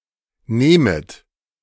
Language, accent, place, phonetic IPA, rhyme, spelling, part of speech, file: German, Germany, Berlin, [ˈneːmət], -eːmət, nehmet, verb, De-nehmet.ogg
- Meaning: second-person plural subjunctive I of nehmen